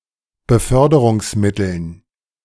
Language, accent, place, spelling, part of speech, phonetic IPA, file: German, Germany, Berlin, Beförderungsmitteln, noun, [bəˈfœʁdəʁʊŋsˌmɪtl̩n], De-Beförderungsmitteln.ogg
- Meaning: dative plural of Beförderungsmittel